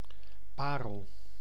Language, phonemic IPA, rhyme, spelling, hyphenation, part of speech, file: Dutch, /ˈpaː.rəl/, -aːrəl, parel, pa‧rel, noun, Nl-parel.ogg
- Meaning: 1. a pearl, a precious, round shelly concretion from oysters or other molluscs 2. its imitation 3. mother of pearl, the natural material pearls are made from